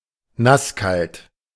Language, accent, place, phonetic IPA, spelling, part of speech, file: German, Germany, Berlin, [ˈnasˌkalt], nasskalt, adjective, De-nasskalt.ogg
- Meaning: cold and damp; dank